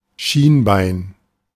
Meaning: shinbone, tibia
- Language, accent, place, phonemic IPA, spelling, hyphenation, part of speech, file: German, Germany, Berlin, /ˈʃiːnˌbaɪ̯n/, Schienbein, Schien‧bein, noun, De-Schienbein.ogg